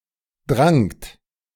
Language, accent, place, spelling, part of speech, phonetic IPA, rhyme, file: German, Germany, Berlin, drangt, verb, [dʁaŋt], -aŋt, De-drangt.ogg
- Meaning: second-person plural preterite of dringen